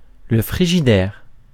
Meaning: 1. synonym of réfrigérateur (“refrigerator”) 2. freezer (very cold place)
- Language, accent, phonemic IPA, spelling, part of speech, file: French, France, /fʁi.ʒi.dɛʁ/, frigidaire, noun, Fr-frigidaire.ogg